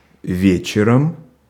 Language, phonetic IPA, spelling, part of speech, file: Russian, [ˈvʲet͡ɕɪrəm], вечером, adverb / noun, Ru-вечером.ogg
- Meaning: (adverb) in the evening; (noun) instrumental singular of ве́чер (véčer)